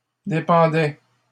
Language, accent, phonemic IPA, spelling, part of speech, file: French, Canada, /de.pɑ̃.dɛ/, dépendait, verb, LL-Q150 (fra)-dépendait.wav
- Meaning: third-person singular imperfect indicative of dépendre